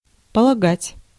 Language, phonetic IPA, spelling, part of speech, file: Russian, [pəɫɐˈɡatʲ], полагать, verb, Ru-полагать.ogg
- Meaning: 1. to define 2. (transitive) to apply, to impose 3. to infer, to suppose, to guess, to believe, to think, to reckon